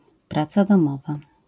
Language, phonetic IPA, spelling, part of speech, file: Polish, [ˈprat͡sa dɔ̃ˈmɔva], praca domowa, noun, LL-Q809 (pol)-praca domowa.wav